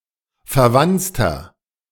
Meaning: 1. comparative degree of verwanzt 2. inflection of verwanzt: strong/mixed nominative masculine singular 3. inflection of verwanzt: strong genitive/dative feminine singular
- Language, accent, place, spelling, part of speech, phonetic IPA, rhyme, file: German, Germany, Berlin, verwanzter, adjective, [fɛɐ̯ˈvant͡stɐ], -ant͡stɐ, De-verwanzter.ogg